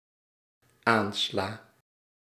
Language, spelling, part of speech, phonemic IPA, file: Dutch, aansla, verb, /ˈansla/, Nl-aansla.ogg
- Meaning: inflection of aanslaan: 1. first-person singular dependent-clause present indicative 2. singular dependent-clause present subjunctive